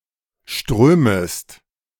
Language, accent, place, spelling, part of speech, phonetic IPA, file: German, Germany, Berlin, strömest, verb, [ˈʃtʁøːməst], De-strömest.ogg
- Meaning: second-person singular subjunctive I of strömen